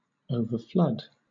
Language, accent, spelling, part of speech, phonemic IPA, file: English, Southern England, overflood, verb / noun, /ˌəʊvə(ɹ)ˈflʌd/, LL-Q1860 (eng)-overflood.wav
- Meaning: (verb) 1. To flood 2. To flood or fill completely; to overflow; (noun) A flood; an excess or superabundance